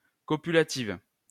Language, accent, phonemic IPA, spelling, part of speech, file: French, France, /kɔ.py.la.tiv/, copulative, adjective, LL-Q150 (fra)-copulative.wav
- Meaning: feminine singular of copulatif